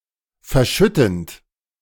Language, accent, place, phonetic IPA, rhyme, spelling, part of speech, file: German, Germany, Berlin, [fɛɐ̯ˈʃʏtn̩t], -ʏtn̩t, verschüttend, verb, De-verschüttend.ogg
- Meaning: present participle of verschütten